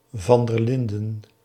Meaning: a surname
- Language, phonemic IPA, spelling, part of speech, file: Dutch, /vɑn dər ˈlɪn.də/, van der Linden, proper noun, Nl-van der Linden.ogg